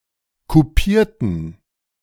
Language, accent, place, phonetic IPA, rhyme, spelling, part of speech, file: German, Germany, Berlin, [kuˈpiːɐ̯tn̩], -iːɐ̯tn̩, kupierten, verb / adjective, De-kupierten.ogg
- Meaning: inflection of kupieren: 1. first/third-person plural preterite 2. first/third-person plural subjunctive II